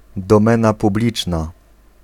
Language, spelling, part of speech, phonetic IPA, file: Polish, domena publiczna, noun, [dɔ̃ˈmɛ̃na puˈblʲit͡ʃna], Pl-domena publiczna.ogg